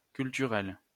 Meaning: feminine singular of culturel
- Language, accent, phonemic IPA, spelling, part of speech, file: French, France, /kyl.ty.ʁɛl/, culturelle, adjective, LL-Q150 (fra)-culturelle.wav